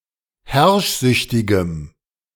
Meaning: strong dative masculine/neuter singular of herrschsüchtig
- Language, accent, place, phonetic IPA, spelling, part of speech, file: German, Germany, Berlin, [ˈhɛʁʃˌzʏçtɪɡəm], herrschsüchtigem, adjective, De-herrschsüchtigem.ogg